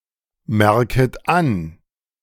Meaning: second-person plural subjunctive I of anmerken
- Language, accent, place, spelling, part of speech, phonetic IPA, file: German, Germany, Berlin, merket an, verb, [ˌmɛʁkət ˈan], De-merket an.ogg